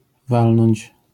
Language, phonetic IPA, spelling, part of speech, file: Polish, [ˈvalnɔ̃ɲt͡ɕ], walnąć, verb, LL-Q809 (pol)-walnąć.wav